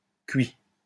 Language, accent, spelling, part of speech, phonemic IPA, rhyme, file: French, France, cuit, adjective / verb, /kɥi/, -ɥi, LL-Q150 (fra)-cuit.wav
- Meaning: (adjective) 1. cooked 2. sozzled, smashed (intoxicated by alcohol); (verb) 1. third-person singular present indicative of cuire 2. past participle of cuire